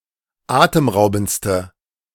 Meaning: inflection of atemraubend: 1. strong/mixed nominative/accusative feminine singular superlative degree 2. strong nominative/accusative plural superlative degree
- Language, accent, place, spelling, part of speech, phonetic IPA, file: German, Germany, Berlin, atemraubendste, adjective, [ˈaːtəmˌʁaʊ̯bn̩t͡stə], De-atemraubendste.ogg